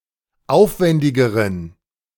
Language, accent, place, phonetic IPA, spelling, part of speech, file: German, Germany, Berlin, [ˈaʊ̯fˌvɛndɪɡəʁən], aufwändigeren, adjective, De-aufwändigeren.ogg
- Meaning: inflection of aufwändig: 1. strong genitive masculine/neuter singular comparative degree 2. weak/mixed genitive/dative all-gender singular comparative degree